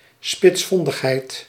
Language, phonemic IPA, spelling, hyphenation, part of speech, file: Dutch, /ˌspɪtsˈfɔn.dəx.ɦɛi̯t/, spitsvondigheid, spits‧von‧dig‧heid, noun, Nl-spitsvondigheid.ogg
- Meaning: shrewdness, cleverness